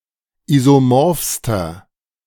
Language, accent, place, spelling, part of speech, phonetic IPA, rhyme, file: German, Germany, Berlin, isomorphster, adjective, [ˌizoˈmɔʁfstɐ], -ɔʁfstɐ, De-isomorphster.ogg
- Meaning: inflection of isomorph: 1. strong/mixed nominative masculine singular superlative degree 2. strong genitive/dative feminine singular superlative degree 3. strong genitive plural superlative degree